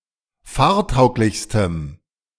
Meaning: strong dative masculine/neuter singular superlative degree of fahrtauglich
- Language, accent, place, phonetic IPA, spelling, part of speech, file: German, Germany, Berlin, [ˈfaːɐ̯ˌtaʊ̯klɪçstəm], fahrtauglichstem, adjective, De-fahrtauglichstem.ogg